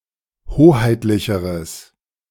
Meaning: strong/mixed nominative/accusative neuter singular comparative degree of hoheitlich
- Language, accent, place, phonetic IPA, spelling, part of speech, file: German, Germany, Berlin, [ˈhoːhaɪ̯tlɪçəʁəs], hoheitlicheres, adjective, De-hoheitlicheres.ogg